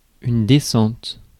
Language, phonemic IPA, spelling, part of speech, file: French, /de.sɑ̃t/, descente, noun, Fr-descente.ogg
- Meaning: 1. descent (act of going down) 2. descent (downward slope) 3. way down 4. descending 5. raid (e.g. police raid) 6. downhill (an event in skiing or canoeing) 7. comedown (from a drug), crash